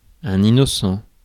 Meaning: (adjective) innocent; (noun) 1. an innocent person 2. a naive person 3. a stupid or foolish person
- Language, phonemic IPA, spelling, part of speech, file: French, /i.nɔ.sɑ̃/, innocent, adjective / noun, Fr-innocent.ogg